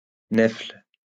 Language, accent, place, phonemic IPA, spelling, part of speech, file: French, France, Lyon, /nɛfl/, nèfle, noun, LL-Q150 (fra)-nèfle.wav
- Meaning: medlar